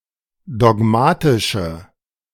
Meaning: inflection of dogmatisch: 1. strong/mixed nominative/accusative feminine singular 2. strong nominative/accusative plural 3. weak nominative all-gender singular
- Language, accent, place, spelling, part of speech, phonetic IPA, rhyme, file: German, Germany, Berlin, dogmatische, adjective, [dɔˈɡmaːtɪʃə], -aːtɪʃə, De-dogmatische.ogg